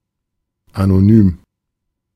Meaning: anonymous
- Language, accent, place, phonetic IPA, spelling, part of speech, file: German, Germany, Berlin, [ˌanoˈnyːm], anonym, adjective, De-anonym.ogg